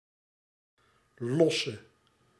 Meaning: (noun) chain stitch; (adjective) inflection of los: 1. masculine/feminine singular attributive 2. definite neuter singular attributive 3. plural attributive
- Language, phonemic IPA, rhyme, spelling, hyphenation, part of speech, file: Dutch, /ˈlɔ.sə/, -ɔsə, losse, los‧se, noun / adjective / verb, Nl-losse.ogg